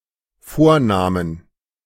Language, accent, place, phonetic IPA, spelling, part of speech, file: German, Germany, Berlin, [ˈfoːɐ̯ˌnaːmən], vornahmen, verb, De-vornahmen.ogg
- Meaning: first/third-person plural dependent preterite of vornehmen